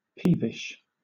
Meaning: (adjective) Constantly complaining, especially in a childish way due to insignificant matters; fretful, whiny
- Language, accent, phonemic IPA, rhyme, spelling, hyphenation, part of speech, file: English, Southern England, /ˈpiːvɪʃ/, -iːvɪʃ, peevish, peev‧ish, adjective / adverb, LL-Q1860 (eng)-peevish.wav